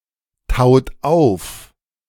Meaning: inflection of auftauen: 1. second-person plural present 2. third-person singular present 3. plural imperative
- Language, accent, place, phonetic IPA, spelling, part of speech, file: German, Germany, Berlin, [ˌtaʊ̯t ˈaʊ̯f], taut auf, verb, De-taut auf.ogg